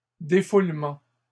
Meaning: plural of défoulement
- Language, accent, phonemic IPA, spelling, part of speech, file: French, Canada, /de.ful.mɑ̃/, défoulements, noun, LL-Q150 (fra)-défoulements.wav